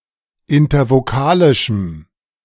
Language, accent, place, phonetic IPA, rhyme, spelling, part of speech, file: German, Germany, Berlin, [ɪntɐvoˈkaːlɪʃm̩], -aːlɪʃm̩, intervokalischem, adjective, De-intervokalischem.ogg
- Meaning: strong dative masculine/neuter singular of intervokalisch